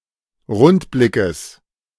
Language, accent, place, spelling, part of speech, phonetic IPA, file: German, Germany, Berlin, Rundblickes, noun, [ˈʁʊntˌblɪkəs], De-Rundblickes.ogg
- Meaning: genitive singular of Rundblick